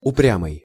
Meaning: stubborn (refusing to move or change one's opinion)
- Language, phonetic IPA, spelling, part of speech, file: Russian, [ʊˈprʲamɨj], упрямый, adjective, Ru-упрямый.ogg